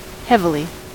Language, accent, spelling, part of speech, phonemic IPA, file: English, US, heavily, adverb, /ˈhɛvɪli/, En-us-heavily.ogg
- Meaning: 1. With a great weight 2. To a considerable degree, to a great extent 3. In a manner designed for heavy duty 4. So as to be thick or heavy 5. In a laboured manner